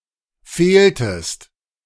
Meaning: inflection of fehlen: 1. second-person singular preterite 2. second-person singular subjunctive II
- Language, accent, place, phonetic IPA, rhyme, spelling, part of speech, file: German, Germany, Berlin, [ˈfeːltəst], -eːltəst, fehltest, verb, De-fehltest.ogg